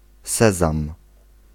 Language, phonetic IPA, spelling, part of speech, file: Polish, [ˈsɛzãm], sezam, noun, Pl-sezam.ogg